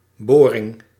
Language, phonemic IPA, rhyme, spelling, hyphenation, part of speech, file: Dutch, /ˈboː.rɪŋ/, -oːrɪŋ, boring, bo‧ring, noun, Nl-boring.ogg
- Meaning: 1. drilling 2. bore of a car's cylinder or canon